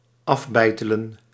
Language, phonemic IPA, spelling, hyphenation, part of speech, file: Dutch, /ˈɑfˌbɛi̯.tə.lə(n)/, afbeitelen, af‧bei‧te‧len, verb, Nl-afbeitelen.ogg
- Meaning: to chisel off